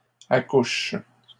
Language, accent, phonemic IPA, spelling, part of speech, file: French, Canada, /a.kuʃ/, accouche, verb, LL-Q150 (fra)-accouche.wav
- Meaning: inflection of accoucher: 1. first/third-person singular present indicative/subjunctive 2. second-person singular imperative